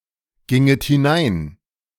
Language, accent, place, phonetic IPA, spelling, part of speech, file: German, Germany, Berlin, [ˌɡɪŋət hɪˈnaɪ̯n], ginget hinein, verb, De-ginget hinein.ogg
- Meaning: second-person plural subjunctive II of hineingehen